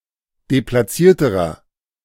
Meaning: inflection of deplatziert: 1. strong/mixed nominative masculine singular comparative degree 2. strong genitive/dative feminine singular comparative degree 3. strong genitive plural comparative degree
- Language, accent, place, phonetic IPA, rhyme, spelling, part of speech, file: German, Germany, Berlin, [deplaˈt͡siːɐ̯təʁɐ], -iːɐ̯təʁɐ, deplatzierterer, adjective, De-deplatzierterer.ogg